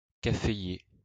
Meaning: coffee (plant)
- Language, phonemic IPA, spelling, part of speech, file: French, /ka.fe.je/, caféier, noun, LL-Q150 (fra)-caféier.wav